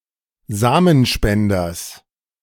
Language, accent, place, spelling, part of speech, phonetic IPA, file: German, Germany, Berlin, Samenspenders, noun, [ˈzaːmənˌʃpɛndɐs], De-Samenspenders.ogg
- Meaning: genitive of Samenspender